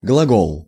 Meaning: 1. verb 2. word; speech
- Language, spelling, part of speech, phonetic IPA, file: Russian, глагол, noun, [ɡɫɐˈɡoɫ], Ru-глагол.ogg